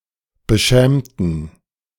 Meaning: inflection of beschämt: 1. strong genitive masculine/neuter singular 2. weak/mixed genitive/dative all-gender singular 3. strong/weak/mixed accusative masculine singular 4. strong dative plural
- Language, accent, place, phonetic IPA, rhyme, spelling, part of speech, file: German, Germany, Berlin, [bəˈʃɛːmtn̩], -ɛːmtn̩, beschämten, adjective / verb, De-beschämten.ogg